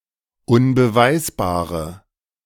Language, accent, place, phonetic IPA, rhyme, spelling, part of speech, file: German, Germany, Berlin, [ʊnbəˈvaɪ̯sbaːʁə], -aɪ̯sbaːʁə, unbeweisbare, adjective, De-unbeweisbare.ogg
- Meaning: inflection of unbeweisbar: 1. strong/mixed nominative/accusative feminine singular 2. strong nominative/accusative plural 3. weak nominative all-gender singular